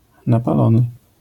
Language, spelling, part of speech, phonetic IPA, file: Polish, napalony, adjective, [ˌnapaˈlɔ̃nɨ], LL-Q809 (pol)-napalony.wav